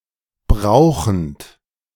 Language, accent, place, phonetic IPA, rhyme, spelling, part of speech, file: German, Germany, Berlin, [ˈbʁaʊ̯xn̩t], -aʊ̯xn̩t, brauchend, verb, De-brauchend.ogg
- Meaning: present participle of brauchen